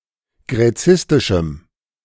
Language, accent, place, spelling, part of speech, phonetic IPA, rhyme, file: German, Germany, Berlin, gräzistischem, adjective, [ɡʁɛˈt͡sɪstɪʃm̩], -ɪstɪʃm̩, De-gräzistischem.ogg
- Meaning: strong dative masculine/neuter singular of gräzistisch